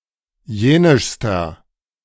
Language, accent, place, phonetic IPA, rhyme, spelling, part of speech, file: German, Germany, Berlin, [ˈjeːnɪʃstɐ], -eːnɪʃstɐ, jenischster, adjective, De-jenischster.ogg
- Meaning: inflection of jenisch: 1. strong/mixed nominative masculine singular superlative degree 2. strong genitive/dative feminine singular superlative degree 3. strong genitive plural superlative degree